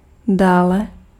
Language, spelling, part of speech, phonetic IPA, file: Czech, dále, adverb / noun, [ˈdaːlɛ], Cs-dále.ogg
- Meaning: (adverb) farther, comparative degree of daleko; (noun) great distance